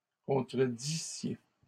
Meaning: second-person plural imperfect subjunctive of contredire
- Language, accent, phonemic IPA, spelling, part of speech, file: French, Canada, /kɔ̃.tʁə.di.sje/, contredissiez, verb, LL-Q150 (fra)-contredissiez.wav